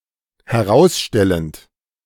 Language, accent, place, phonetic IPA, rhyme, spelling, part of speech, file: German, Germany, Berlin, [hɛˈʁaʊ̯sˌʃtɛlənt], -aʊ̯sʃtɛlənt, herausstellend, verb, De-herausstellend.ogg
- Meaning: present participle of herausstellen